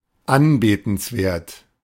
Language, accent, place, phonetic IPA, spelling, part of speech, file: German, Germany, Berlin, [ˈanbeːtn̩sˌveːɐ̯t], anbetenswert, adjective, De-anbetenswert.ogg
- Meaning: adorable